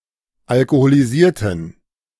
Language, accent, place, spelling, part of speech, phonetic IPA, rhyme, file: German, Germany, Berlin, alkoholisierten, adjective / verb, [alkoholiˈziːɐ̯tn̩], -iːɐ̯tn̩, De-alkoholisierten.ogg
- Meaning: inflection of alkoholisiert: 1. strong genitive masculine/neuter singular 2. weak/mixed genitive/dative all-gender singular 3. strong/weak/mixed accusative masculine singular 4. strong dative plural